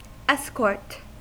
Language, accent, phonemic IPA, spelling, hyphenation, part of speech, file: English, US, /ˈɛs.kɔɹt/, escort, es‧cort, noun, En-us-escort.ogg
- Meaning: 1. A group of people or vehicles, generally armed, who go with a person or people of importance to safeguard them on a journey or mission 2. An accompanying person in such a group